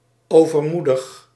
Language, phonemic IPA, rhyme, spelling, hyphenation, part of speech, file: Dutch, /ˌoː.vərˈmu.dəx/, -udəx, overmoedig, over‧moe‧dig, adjective, Nl-overmoedig.ogg
- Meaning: overconfident, too courageous or brave, reckless